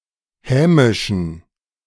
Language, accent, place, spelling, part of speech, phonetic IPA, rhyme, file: German, Germany, Berlin, hämischen, adjective, [ˈhɛːmɪʃn̩], -ɛːmɪʃn̩, De-hämischen.ogg
- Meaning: inflection of hämisch: 1. strong genitive masculine/neuter singular 2. weak/mixed genitive/dative all-gender singular 3. strong/weak/mixed accusative masculine singular 4. strong dative plural